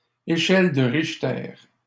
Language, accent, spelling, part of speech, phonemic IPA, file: French, Canada, échelle de Richter, proper noun, /e.ʃɛl də ʁiʃ.tɛʁ/, LL-Q150 (fra)-échelle de Richter.wav
- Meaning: Richter scale